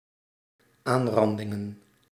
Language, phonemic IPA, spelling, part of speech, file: Dutch, /ˈanrɑndɪŋə(n)/, aanrandingen, noun, Nl-aanrandingen.ogg
- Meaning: plural of aanranding